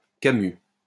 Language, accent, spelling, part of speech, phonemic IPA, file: French, France, camus, adjective, /ka.my/, LL-Q150 (fra)-camus.wav
- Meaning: flat-nosed